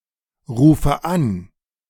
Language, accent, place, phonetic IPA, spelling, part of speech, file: German, Germany, Berlin, [ˌʁuːfə ˈan], rufe an, verb, De-rufe an.ogg
- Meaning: inflection of anrufen: 1. first-person singular present 2. first/third-person singular subjunctive I 3. singular imperative